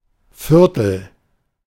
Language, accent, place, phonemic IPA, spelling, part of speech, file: German, Germany, Berlin, /ˈfɪʁtəl/, Viertel, noun, De-Viertel.ogg
- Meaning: 1. quarter, fourth 2. clipping of Stadtviertel; quarter, neighbourhood (of a town or city) 3. one-quarter liter (250 milliliter) of a specified liquid, often used in recipes